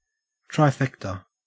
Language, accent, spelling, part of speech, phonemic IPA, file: English, Australia, trifecta, noun, /tɹaɪˈfɛktə/, En-au-trifecta.ogg
- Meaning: 1. A bet in which the bettor must select the first three placegetters of a race in the order in which they finish 2. The attainment of three important achievements, qualities, etc